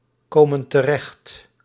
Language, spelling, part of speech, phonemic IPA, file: Dutch, komen terecht, verb, /ˈkomə(n) təˈrɛxt/, Nl-komen terecht.ogg
- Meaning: inflection of terechtkomen: 1. plural present indicative 2. plural present subjunctive